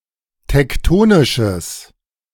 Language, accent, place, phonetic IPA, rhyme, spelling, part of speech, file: German, Germany, Berlin, [tɛkˈtoːnɪʃəs], -oːnɪʃəs, tektonisches, adjective, De-tektonisches.ogg
- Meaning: strong/mixed nominative/accusative neuter singular of tektonisch